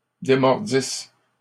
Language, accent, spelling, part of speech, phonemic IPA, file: French, Canada, démordissent, verb, /de.mɔʁ.dis/, LL-Q150 (fra)-démordissent.wav
- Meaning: third-person plural imperfect subjunctive of démordre